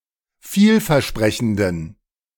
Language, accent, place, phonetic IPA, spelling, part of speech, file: German, Germany, Berlin, [ˈfiːlfɛɐ̯ˌʃpʁɛçn̩dən], vielversprechenden, adjective, De-vielversprechenden.ogg
- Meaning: inflection of vielversprechend: 1. strong genitive masculine/neuter singular 2. weak/mixed genitive/dative all-gender singular 3. strong/weak/mixed accusative masculine singular